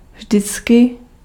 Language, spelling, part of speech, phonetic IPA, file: Czech, vždycky, adverb, [ˈvʒdɪt͡skɪ], Cs-vždycky.ogg
- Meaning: always